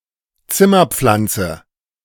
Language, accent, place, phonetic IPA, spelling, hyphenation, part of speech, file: German, Germany, Berlin, [ˈt͡sɪmɐˌp͡flant͡sə], Zimmerpflanze, Zim‧mer‧pflan‧ze, noun, De-Zimmerpflanze.ogg
- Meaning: houseplant, indoor plant